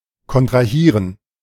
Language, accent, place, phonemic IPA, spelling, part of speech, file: German, Germany, Berlin, /kɔntʁaˈhiːʁən/, kontrahieren, verb, De-kontrahieren.ogg
- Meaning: to contract